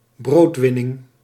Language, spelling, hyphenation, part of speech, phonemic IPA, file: Dutch, broodwinning, brood‧win‧ning, noun, /ˈbroːtˌʋɪ.nɪŋ/, Nl-broodwinning.ogg
- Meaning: livelihood